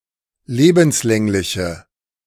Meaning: inflection of lebenslänglich: 1. strong/mixed nominative/accusative feminine singular 2. strong nominative/accusative plural 3. weak nominative all-gender singular
- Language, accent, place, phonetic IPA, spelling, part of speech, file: German, Germany, Berlin, [ˈleːbm̩sˌlɛŋlɪçə], lebenslängliche, adjective, De-lebenslängliche.ogg